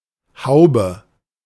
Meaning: 1. bonnet, cap 2. cover, hood 3. dollop 4. bonnet, reticulum, the second compartment of the stomach of a ruminant
- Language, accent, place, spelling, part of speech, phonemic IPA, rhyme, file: German, Germany, Berlin, Haube, noun, /ˈhaʊ̯bə/, -aʊ̯bə, De-Haube.ogg